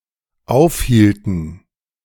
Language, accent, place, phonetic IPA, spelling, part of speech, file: German, Germany, Berlin, [ˈaʊ̯fˌhiːltn̩], aufhielten, verb, De-aufhielten.ogg
- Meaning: inflection of aufhalten: 1. first/third-person plural dependent preterite 2. first/third-person plural dependent subjunctive II